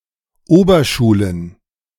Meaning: plural of Oberschule
- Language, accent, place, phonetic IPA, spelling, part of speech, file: German, Germany, Berlin, [ˈoːbɐˌʃuːlən], Oberschulen, noun, De-Oberschulen.ogg